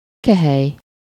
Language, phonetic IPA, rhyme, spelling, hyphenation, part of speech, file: Hungarian, [ˈkɛhɛj], -ɛj, kehely, ke‧hely, noun, Hu-kehely.ogg
- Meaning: chalice